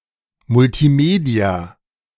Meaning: multimedia
- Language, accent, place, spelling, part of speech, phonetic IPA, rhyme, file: German, Germany, Berlin, Multimedia, noun, [mʊltiˈmeːdi̯a], -eːdi̯a, De-Multimedia.ogg